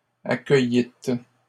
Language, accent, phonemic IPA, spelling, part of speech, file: French, Canada, /a.kœ.jit/, accueillîtes, verb, LL-Q150 (fra)-accueillîtes.wav
- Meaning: second-person plural past historic of accueillir